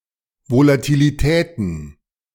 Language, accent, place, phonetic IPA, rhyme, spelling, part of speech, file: German, Germany, Berlin, [volatiːliˈtɛːtn̩], -ɛːtn̩, Volatilitäten, noun, De-Volatilitäten.ogg
- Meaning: plural of Volatilität